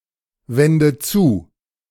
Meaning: inflection of zuwenden: 1. first-person singular present 2. first/third-person singular subjunctive I 3. singular imperative
- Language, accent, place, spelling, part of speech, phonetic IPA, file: German, Germany, Berlin, wende zu, verb, [ˌvɛndə ˈt͡suː], De-wende zu.ogg